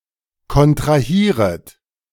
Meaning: second-person plural subjunctive I of kontrahieren
- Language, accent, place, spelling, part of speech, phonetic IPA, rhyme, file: German, Germany, Berlin, kontrahieret, verb, [kɔntʁaˈhiːʁət], -iːʁət, De-kontrahieret.ogg